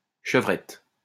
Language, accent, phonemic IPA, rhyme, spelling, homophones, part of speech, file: French, France, /ʃə.vʁɛt/, -ɛt, chevrette, chevrettes, noun, LL-Q150 (fra)-chevrette.wav
- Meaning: 1. kid (young, female goat) 2. doe (female deer)